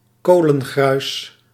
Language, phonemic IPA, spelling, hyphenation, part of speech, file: Dutch, /ˈkoː.lə(n)ˌɣrœy̯s/, kolengruis, ko‧len‧gruis, noun, Nl-kolengruis.ogg
- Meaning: slack, small coal particles